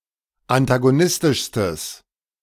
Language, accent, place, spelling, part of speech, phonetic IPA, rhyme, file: German, Germany, Berlin, antagonistischstes, adjective, [antaɡoˈnɪstɪʃstəs], -ɪstɪʃstəs, De-antagonistischstes.ogg
- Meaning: strong/mixed nominative/accusative neuter singular superlative degree of antagonistisch